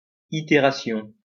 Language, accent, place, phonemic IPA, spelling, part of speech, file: French, France, Lyon, /i.te.ʁa.sjɔ̃/, itération, noun, LL-Q150 (fra)-itération.wav
- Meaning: iteration